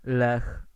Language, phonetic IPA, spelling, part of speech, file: Polish, [lɛx], Lech, proper noun, Pl-Lech.ogg